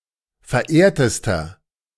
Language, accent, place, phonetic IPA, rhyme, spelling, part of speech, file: German, Germany, Berlin, [fɛɐ̯ˈʔeːɐ̯təstɐ], -eːɐ̯təstɐ, verehrtester, adjective, De-verehrtester.ogg
- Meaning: inflection of verehrt: 1. strong/mixed nominative masculine singular superlative degree 2. strong genitive/dative feminine singular superlative degree 3. strong genitive plural superlative degree